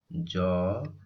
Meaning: The twentieth character in the Odia abugida
- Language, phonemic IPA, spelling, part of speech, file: Odia, /d͡ʒɔ/, ଜ, character, Or-ଜ.oga